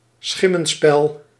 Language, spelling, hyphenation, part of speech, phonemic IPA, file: Dutch, schimmenspel, schim‧men‧spel, noun, /ˈsxɪ.mə(n)ˌspɛl/, Nl-schimmenspel.ogg
- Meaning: 1. a shadow play 2. a shady, suspicious situation or turn of events